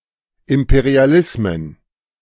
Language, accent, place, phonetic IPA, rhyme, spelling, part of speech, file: German, Germany, Berlin, [ˌɪmpeʁiaˈlɪsmən], -ɪsmən, Imperialismen, noun, De-Imperialismen.ogg
- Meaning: plural of Imperialismus